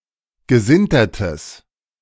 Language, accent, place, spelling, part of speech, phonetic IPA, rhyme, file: German, Germany, Berlin, gesintertes, adjective, [ɡəˈzɪntɐtəs], -ɪntɐtəs, De-gesintertes.ogg
- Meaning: strong/mixed nominative/accusative neuter singular of gesintert